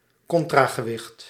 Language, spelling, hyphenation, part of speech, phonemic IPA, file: Dutch, contragewicht, con‧tra‧ge‧wicht, noun, /ˈkɔn.traː.ɣəˌʋɪxt/, Nl-contragewicht.ogg
- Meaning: counterweight